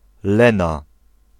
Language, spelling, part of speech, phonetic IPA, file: Polish, Lena, proper noun, [ˈlɛ̃na], Pl-Lena.ogg